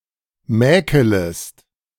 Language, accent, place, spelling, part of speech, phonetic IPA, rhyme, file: German, Germany, Berlin, mäkelest, verb, [ˈmɛːkələst], -ɛːkələst, De-mäkelest.ogg
- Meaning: second-person singular subjunctive I of mäkeln